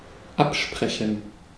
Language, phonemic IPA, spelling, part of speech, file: German, /ˈapʃpʁɛçn̩/, absprechen, verb, De-absprechen.ogg
- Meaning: 1. to arrange, to agree upon; to coordinate 2. to deny, to dispute